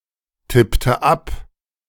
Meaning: inflection of abtippen: 1. first/third-person singular preterite 2. first/third-person singular subjunctive II
- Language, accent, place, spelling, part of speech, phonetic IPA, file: German, Germany, Berlin, tippte ab, verb, [ˌtɪptə ˈap], De-tippte ab.ogg